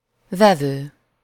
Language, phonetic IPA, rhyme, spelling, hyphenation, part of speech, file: Hungarian, [ˈvɛvøː], -vøː, vevő, ve‧vő, verb / noun, Hu-vevő.ogg
- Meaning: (verb) present participle of vesz; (noun) 1. customer, buyer 2. receiver (device; the opposite of transmitter)